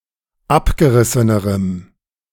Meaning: strong dative masculine/neuter singular comparative degree of abgerissen
- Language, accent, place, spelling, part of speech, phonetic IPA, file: German, Germany, Berlin, abgerissenerem, adjective, [ˈapɡəˌʁɪsənəʁəm], De-abgerissenerem.ogg